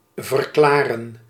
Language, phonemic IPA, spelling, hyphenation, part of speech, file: Dutch, /vərˈklaː.rə(n)/, verklaren, ver‧kla‧ren, verb, Nl-verklaren.ogg
- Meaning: 1. to declare, state 2. to explain 3. to clarify